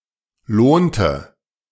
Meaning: inflection of lohnen: 1. first/third-person singular preterite 2. first/third-person singular subjunctive II
- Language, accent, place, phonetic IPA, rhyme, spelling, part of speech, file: German, Germany, Berlin, [ˈloːntə], -oːntə, lohnte, verb, De-lohnte.ogg